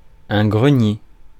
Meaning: 1. granary 2. attic, garret (space, often unfinished and with sloped walls, directly below the roof)
- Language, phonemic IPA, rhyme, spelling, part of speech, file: French, /ɡʁə.nje/, -je, grenier, noun, Fr-grenier.ogg